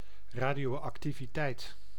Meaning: 1. radioactivity (quality of being radioactive) 2. radioactivity (certain quantity of radiation)
- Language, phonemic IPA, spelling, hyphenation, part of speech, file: Dutch, /ˌraː.di.oː.ɑk.ti.viˈtɛi̯t/, radioactiviteit, ra‧dio‧ac‧ti‧vi‧teit, noun, Nl-radioactiviteit.ogg